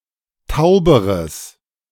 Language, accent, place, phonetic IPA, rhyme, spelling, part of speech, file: German, Germany, Berlin, [ˈtaʊ̯bəʁəs], -aʊ̯bəʁəs, tauberes, adjective, De-tauberes.ogg
- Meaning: strong/mixed nominative/accusative neuter singular comparative degree of taub